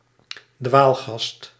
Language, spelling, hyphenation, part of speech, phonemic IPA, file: Dutch, dwaalgast, dwaal‧gast, noun, /ˈdʋaːl.ɣɑst/, Nl-dwaalgast.ogg
- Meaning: vagrant (animal occurring outside its species' usual range), usually a vagrant bird